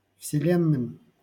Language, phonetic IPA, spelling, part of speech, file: Russian, [fsʲɪˈlʲenːɨm], вселенным, noun, LL-Q7737 (rus)-вселенным.wav
- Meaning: dative plural of вселе́нная (vselénnaja)